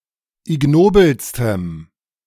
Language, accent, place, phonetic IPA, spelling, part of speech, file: German, Germany, Berlin, [ɪˈɡnoːbl̩stəm], ignobelstem, adjective, De-ignobelstem.ogg
- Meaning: strong dative masculine/neuter singular superlative degree of ignobel